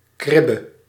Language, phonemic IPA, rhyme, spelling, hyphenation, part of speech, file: Dutch, /ˈkrɪ.bə/, -ɪbə, kribbe, krib‧be, noun, Nl-kribbe.ogg
- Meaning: 1. a manger, crib 2. a simple, unadorned bed 3. a nursery, crèche 4. a breakwater, usually in a river or other stream 5. a stall, a compartment in a stable